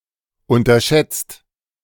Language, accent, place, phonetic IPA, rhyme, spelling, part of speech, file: German, Germany, Berlin, [ˌʊntɐˈʃɛt͡st], -ɛt͡st, unterschätzt, verb, De-unterschätzt.ogg
- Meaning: 1. past participle of unterschätzen 2. inflection of unterschätzen: second/third-person singular present 3. inflection of unterschätzen: second-person plural present